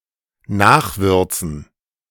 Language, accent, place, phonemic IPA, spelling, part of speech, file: German, Germany, Berlin, /ˈnaːχˌvʏʁt͡sn̩/, nachwürzen, verb, De-nachwürzen.ogg
- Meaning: to add more spices to (something which one has already added spices to)